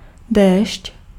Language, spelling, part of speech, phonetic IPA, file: Czech, déšť, noun, [ˈdɛːʃc], Cs-déšť.ogg
- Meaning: rain